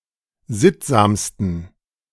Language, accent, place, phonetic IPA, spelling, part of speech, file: German, Germany, Berlin, [ˈzɪtzaːmstn̩], sittsamsten, adjective, De-sittsamsten.ogg
- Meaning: 1. superlative degree of sittsam 2. inflection of sittsam: strong genitive masculine/neuter singular superlative degree